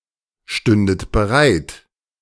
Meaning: second-person plural subjunctive II of bereitstehen
- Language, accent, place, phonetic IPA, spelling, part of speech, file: German, Germany, Berlin, [ˌʃtʏndət bəˈʁaɪ̯t], stündet bereit, verb, De-stündet bereit.ogg